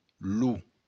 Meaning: the; masculine singular definite article
- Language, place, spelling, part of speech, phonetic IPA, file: Occitan, Béarn, lo, article, [lu], LL-Q14185 (oci)-lo.wav